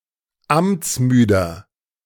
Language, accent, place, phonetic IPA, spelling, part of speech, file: German, Germany, Berlin, [ˈamt͡sˌmyːdɐ], amtsmüder, adjective, De-amtsmüder.ogg
- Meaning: 1. comparative degree of amtsmüde 2. inflection of amtsmüde: strong/mixed nominative masculine singular 3. inflection of amtsmüde: strong genitive/dative feminine singular